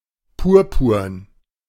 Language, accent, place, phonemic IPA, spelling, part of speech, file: German, Germany, Berlin, /ˈpuːɐ̯puːɐ̯n/, purpurn, adjective, De-purpurn.ogg
- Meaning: purple (colour)